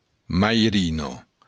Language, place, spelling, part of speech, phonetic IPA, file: Occitan, Béarn, mairina, noun, [majˈɾino], LL-Q14185 (oci)-mairina.wav
- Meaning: godmother